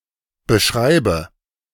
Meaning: inflection of beschreiben: 1. first-person singular present 2. first/third-person singular subjunctive I 3. singular imperative
- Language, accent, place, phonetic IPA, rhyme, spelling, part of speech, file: German, Germany, Berlin, [bəˈʃʁaɪ̯bə], -aɪ̯bə, beschreibe, verb, De-beschreibe.ogg